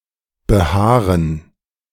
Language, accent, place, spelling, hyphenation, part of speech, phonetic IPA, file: German, Germany, Berlin, behaaren, be‧haa‧ren, verb, [bəˈhaːʁən], De-behaaren.ogg
- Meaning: to grow hair